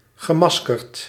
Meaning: masked
- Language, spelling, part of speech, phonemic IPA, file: Dutch, gemaskerd, adjective / verb, /ɣəˈmɑskərt/, Nl-gemaskerd.ogg